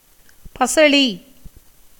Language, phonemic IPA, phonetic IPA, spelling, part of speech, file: Tamil, /pɐtʃɐɭiː/, [pɐsɐɭiː], பசளி, noun, Ta-பசளி.ogg
- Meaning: spinach, Spinacia oleracea